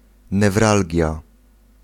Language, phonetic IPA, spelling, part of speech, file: Polish, [nɛvˈralʲɟja], newralgia, noun, Pl-newralgia.ogg